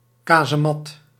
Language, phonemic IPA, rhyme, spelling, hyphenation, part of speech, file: Dutch, /ˌkaː.zəˈmɑt/, -ɑt, kazemat, ka‧ze‧mat, noun, Nl-kazemat.ogg
- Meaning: 1. casemate (bombproof room or shelter as part of a larger fortification) 2. casemate, bunker